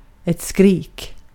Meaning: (noun) 1. a scream 2. screaming; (verb) imperative of skrika
- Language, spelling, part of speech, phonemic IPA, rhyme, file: Swedish, skrik, noun / verb, /skriːk/, -iːk, Sv-skrik.ogg